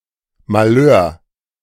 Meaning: mishap (usually minor)
- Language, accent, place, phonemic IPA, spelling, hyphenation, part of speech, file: German, Germany, Berlin, /maˈløːr/, Malheur, Mal‧heur, noun, De-Malheur.ogg